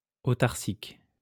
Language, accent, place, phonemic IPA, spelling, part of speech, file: French, France, Lyon, /o.taʁ.sik/, autarcique, adjective, LL-Q150 (fra)-autarcique.wav
- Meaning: autarkic